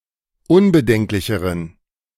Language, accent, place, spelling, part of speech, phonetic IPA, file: German, Germany, Berlin, unbedenklicheren, adjective, [ˈʊnbəˌdɛŋklɪçəʁən], De-unbedenklicheren.ogg
- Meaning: inflection of unbedenklich: 1. strong genitive masculine/neuter singular comparative degree 2. weak/mixed genitive/dative all-gender singular comparative degree